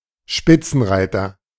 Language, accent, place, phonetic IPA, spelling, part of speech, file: German, Germany, Berlin, [ˈʃpɪt͡sn̩ˌʁaɪ̯tɐ], Spitzenreiter, noun, De-Spitzenreiter.ogg
- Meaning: 1. front runner, leader 2. bestseller; chart topper